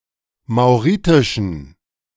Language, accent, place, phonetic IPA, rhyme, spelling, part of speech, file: German, Germany, Berlin, [maʊ̯ˈʁiːtɪʃn̩], -iːtɪʃn̩, mauritischen, adjective, De-mauritischen.ogg
- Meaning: inflection of mauritisch: 1. strong genitive masculine/neuter singular 2. weak/mixed genitive/dative all-gender singular 3. strong/weak/mixed accusative masculine singular 4. strong dative plural